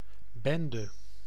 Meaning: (noun) 1. gang, squad 2. mess as in: a disagreeable mixture of a large quantity of objects in disorder resulting from people misbehaving or animals stampeding; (contraction) contraction of bent + gij
- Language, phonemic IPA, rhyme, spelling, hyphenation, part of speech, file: Dutch, /ˈbɛn.də/, -ɛndə, bende, ben‧de, noun / contraction, Nl-bende.ogg